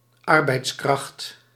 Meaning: worker, labourer
- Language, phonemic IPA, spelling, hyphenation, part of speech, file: Dutch, /ˈɑr.bɛi̯tsˌkrɑxt/, arbeidskracht, ar‧beids‧kracht, noun, Nl-arbeidskracht.ogg